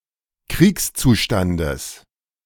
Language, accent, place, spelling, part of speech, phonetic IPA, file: German, Germany, Berlin, Kriegszustandes, noun, [ˈkʁiːkst͡suˌʃtandəs], De-Kriegszustandes.ogg
- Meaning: genitive singular of Kriegszustand